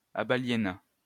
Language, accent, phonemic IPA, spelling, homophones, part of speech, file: French, France, /a.ba.lje.na/, abaliéna, abaliénas / abaliénât, verb, LL-Q150 (fra)-abaliéna.wav
- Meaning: third-person singular past historic of abaliéner